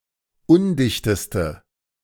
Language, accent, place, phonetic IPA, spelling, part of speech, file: German, Germany, Berlin, [ˈʊndɪçtəstə], undichteste, adjective, De-undichteste.ogg
- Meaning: inflection of undicht: 1. strong/mixed nominative/accusative feminine singular superlative degree 2. strong nominative/accusative plural superlative degree